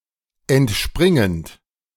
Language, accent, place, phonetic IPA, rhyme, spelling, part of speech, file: German, Germany, Berlin, [ɛntˈʃpʁɪŋənt], -ɪŋənt, entspringend, verb, De-entspringend.ogg
- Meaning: present participle of entspringen